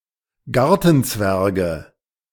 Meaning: nominative/accusative/genitive plural of Gartenzwerg
- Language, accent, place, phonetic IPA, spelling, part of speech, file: German, Germany, Berlin, [ˈɡaʁtn̩ˌt͡svɛʁɡə], Gartenzwerge, noun, De-Gartenzwerge.ogg